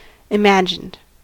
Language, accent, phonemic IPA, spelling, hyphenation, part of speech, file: English, US, /ɪˈmæd͡ʒɪnd/, imagined, imag‧ined, adjective / verb, En-us-imagined.ogg
- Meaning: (adjective) 1. Conceived or envisioned in the mind 2. Only conceivable in one's mind 3. Imaginational; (verb) 1. simple past and past participle of imagin 2. simple past and past participle of imagine